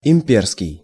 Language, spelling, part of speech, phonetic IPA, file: Russian, имперский, adjective, [ɪm⁽ʲ⁾ˈpʲerskʲɪj], Ru-имперский.ogg
- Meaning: imperial